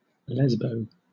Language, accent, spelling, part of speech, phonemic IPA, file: English, Southern England, lesbo, noun / adjective, /ˈlɛzbəʊ/, LL-Q1860 (eng)-lesbo.wav
- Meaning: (noun) A lesbian; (adjective) Lesbian